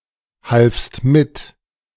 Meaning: second-person singular preterite of mithelfen
- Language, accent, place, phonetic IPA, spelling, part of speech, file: German, Germany, Berlin, [halfst ˈmɪt], halfst mit, verb, De-halfst mit.ogg